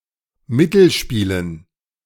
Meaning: dative plural of Mittelspiel
- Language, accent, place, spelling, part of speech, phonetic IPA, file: German, Germany, Berlin, Mittelspielen, noun, [ˈmɪtl̩ˌʃpiːlən], De-Mittelspielen.ogg